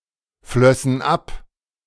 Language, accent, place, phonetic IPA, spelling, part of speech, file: German, Germany, Berlin, [ˌflœsn̩ ˈap], flössen ab, verb, De-flössen ab.ogg
- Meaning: first/third-person plural subjunctive II of abfließen